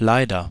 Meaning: unfortunately
- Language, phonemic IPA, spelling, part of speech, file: German, /ˈlaɪ̯dɐ/, leider, adverb, De-leider.ogg